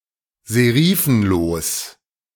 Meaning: sans serif
- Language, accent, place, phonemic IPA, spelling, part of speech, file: German, Germany, Berlin, /zeˈʁiːfn̩loːs/, serifenlos, adjective, De-serifenlos.ogg